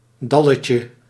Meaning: diminutive of dal
- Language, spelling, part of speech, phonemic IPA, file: Dutch, dalletje, noun, /ˈdɑləcə/, Nl-dalletje.ogg